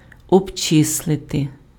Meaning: to calculate, to compute, to figure out
- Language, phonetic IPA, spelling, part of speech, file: Ukrainian, [ɔbˈt͡ʃɪsɫete], обчислити, verb, Uk-обчислити.ogg